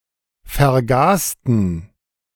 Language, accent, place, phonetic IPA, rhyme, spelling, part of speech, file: German, Germany, Berlin, [fɛɐ̯ˈɡaːstn̩], -aːstn̩, vergasten, adjective / verb, De-vergasten.ogg
- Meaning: inflection of vergasen: 1. first/third-person plural preterite 2. first/third-person plural subjunctive II